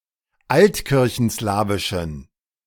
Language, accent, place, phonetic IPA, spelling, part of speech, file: German, Germany, Berlin, [ˈaltkɪʁçn̩ˌslaːvɪʃn̩], altkirchenslawischen, adjective, De-altkirchenslawischen.ogg
- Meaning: inflection of altkirchenslawisch: 1. strong genitive masculine/neuter singular 2. weak/mixed genitive/dative all-gender singular 3. strong/weak/mixed accusative masculine singular